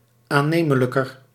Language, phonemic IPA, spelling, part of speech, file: Dutch, /aˈnemələkər/, aannemelijker, adjective, Nl-aannemelijker.ogg
- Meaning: comparative degree of aannemelijk